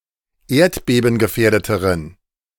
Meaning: inflection of erdbebengefährdet: 1. strong genitive masculine/neuter singular comparative degree 2. weak/mixed genitive/dative all-gender singular comparative degree
- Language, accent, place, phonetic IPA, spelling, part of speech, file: German, Germany, Berlin, [ˈeːɐ̯tbeːbn̩ɡəˌfɛːɐ̯dətəʁən], erdbebengefährdeteren, adjective, De-erdbebengefährdeteren.ogg